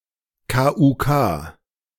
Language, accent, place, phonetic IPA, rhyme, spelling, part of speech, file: German, Germany, Berlin, [kaːʔʊntˈkaː], -aː, k. u. k., abbreviation, De-k. u. k..ogg
- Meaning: imperial and royal, (with reference to the Habsburg monarchy), K and K